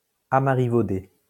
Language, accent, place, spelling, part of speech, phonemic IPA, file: French, France, Lyon, amarivaudé, adjective, /a.ma.ʁi.vo.de/, LL-Q150 (fra)-amarivaudé.wav
- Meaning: In the style of marivaudage